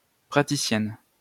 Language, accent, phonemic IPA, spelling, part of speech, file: French, France, /pʁa.ti.sjɛn/, praticienne, noun, LL-Q150 (fra)-praticienne.wav
- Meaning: female equivalent of praticien